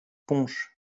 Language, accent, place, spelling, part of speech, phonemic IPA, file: French, France, Lyon, punch, noun, /pɔ̃ʃ/, LL-Q150 (fra)-punch.wav
- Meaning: punch (drink)